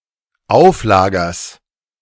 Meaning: genitive singular of Auflager
- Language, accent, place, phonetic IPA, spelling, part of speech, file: German, Germany, Berlin, [ˈaʊ̯fˌlaːɡɐs], Auflagers, noun, De-Auflagers.ogg